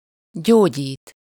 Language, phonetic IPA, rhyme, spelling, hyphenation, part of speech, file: Hungarian, [ˈɟoːɟiːt], -iːt, gyógyít, gyó‧gyít, verb, Hu-gyógyít.ogg
- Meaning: to heal, restore